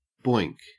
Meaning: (verb) 1. To have sexual intercourse (with); to bonk 2. To hit or strike; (noun) 1. A real-world social gathering of computer users 2. Sexual intercourse
- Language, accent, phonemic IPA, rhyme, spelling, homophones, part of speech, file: English, Australia, /bɔɪŋk/, -ɔɪŋk, boink, BOINC, verb / noun, En-au-boink.ogg